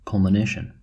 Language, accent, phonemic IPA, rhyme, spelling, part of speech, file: English, US, /ˌkʌl.məˈneɪ.ʃən/, -eɪʃən, culmination, noun, En-us-culmination.ogg
- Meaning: The attainment of the highest point of altitude reached by a heavenly body; passage across the meridian; transit